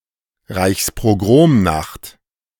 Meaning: Kristallnacht
- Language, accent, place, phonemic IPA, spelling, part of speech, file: German, Germany, Berlin, /ˌʁaɪ̯çspoˈɡʁoːmˌnaxt/, Reichspogromnacht, noun, De-Reichspogromnacht.ogg